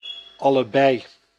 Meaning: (determiner) both
- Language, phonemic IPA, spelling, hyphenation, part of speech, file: Dutch, /ˌɑləˈbɛi̯/, allebei, al‧le‧bei, determiner / pronoun, Nl-allebei.ogg